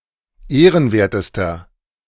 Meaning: inflection of ehrenwert: 1. strong/mixed nominative masculine singular superlative degree 2. strong genitive/dative feminine singular superlative degree 3. strong genitive plural superlative degree
- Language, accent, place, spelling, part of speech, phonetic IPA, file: German, Germany, Berlin, ehrenwertester, adjective, [ˈeːʁənˌveːɐ̯təstɐ], De-ehrenwertester.ogg